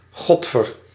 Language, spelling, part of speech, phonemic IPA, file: Dutch, godver, interjection, /ˈɣɔtfər/, Nl-godver.ogg
- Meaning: clipping of godverdomme